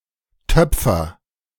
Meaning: inflection of töpfern: 1. first-person singular present 2. singular imperative
- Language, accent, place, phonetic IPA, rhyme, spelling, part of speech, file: German, Germany, Berlin, [ˈtœp͡fɐ], -œp͡fɐ, töpfer, verb, De-töpfer.ogg